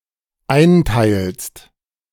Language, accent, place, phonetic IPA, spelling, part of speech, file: German, Germany, Berlin, [ˈaɪ̯nˌtaɪ̯lst], einteilst, verb, De-einteilst.ogg
- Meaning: second-person singular dependent present of einteilen